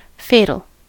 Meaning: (adjective) 1. Proceeding from, or appointed by, fate or destiny 2. Foreboding death or great disaster 3. Causing death or destruction 4. Causing a sudden end to the running of a program
- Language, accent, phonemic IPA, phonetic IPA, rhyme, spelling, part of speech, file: English, US, /ˈfeɪ.təl/, [ˈfeɪ.ɾɫ̩], -eɪtəl, fatal, adjective / noun, En-us-fatal.ogg